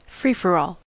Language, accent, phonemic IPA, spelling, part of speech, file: English, US, /ˈfɹiːfɚɔːl/, free-for-all, noun / adjective, En-us-free-for-all.ogg
- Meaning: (noun) 1. Chaos; a chaotic situation lacking rules or control 2. A deathmatch, sometimes specifically one in which every player is pitted against all the others